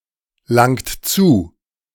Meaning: inflection of zulangen: 1. second-person plural present 2. third-person singular present 3. plural imperative
- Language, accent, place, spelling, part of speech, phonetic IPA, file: German, Germany, Berlin, langt zu, verb, [ˌlaŋt ˈt͡suː], De-langt zu.ogg